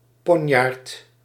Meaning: poniard
- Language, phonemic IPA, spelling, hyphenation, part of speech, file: Dutch, /ˈpɔn.jaːrt/, ponjaard, pon‧jaard, noun, Nl-ponjaard.ogg